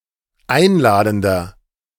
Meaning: inflection of einladend: 1. strong/mixed nominative masculine singular 2. strong genitive/dative feminine singular 3. strong genitive plural
- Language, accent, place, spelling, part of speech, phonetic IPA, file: German, Germany, Berlin, einladender, adjective, [ˈaɪ̯nˌlaːdn̩dɐ], De-einladender.ogg